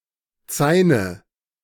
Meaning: 1. basket 2. nominative/accusative/genitive plural of Zain
- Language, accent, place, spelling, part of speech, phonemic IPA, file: German, Germany, Berlin, Zaine, noun, /ˈt͡saɪ̯nə/, De-Zaine.ogg